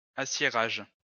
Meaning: steelmaking
- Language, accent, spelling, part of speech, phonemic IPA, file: French, France, aciérage, noun, /a.sje.ʁaʒ/, LL-Q150 (fra)-aciérage.wav